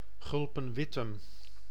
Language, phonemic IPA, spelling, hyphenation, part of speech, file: Dutch, /ˈɣʏl.pə(n)ˈʋɪ.təm/, Gulpen-Wittem, Gul‧pen-‧Wit‧tem, proper noun, Nl-Gulpen-Wittem.ogg
- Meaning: a municipality of Limburg, Netherlands